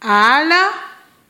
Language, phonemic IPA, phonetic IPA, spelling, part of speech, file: Malagasy, /ˈa.la/, [ˈa.lə̥], ala, noun / adverb, Mg-ala.ogg
- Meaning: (noun) forest; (adverb) without; freed from; removed from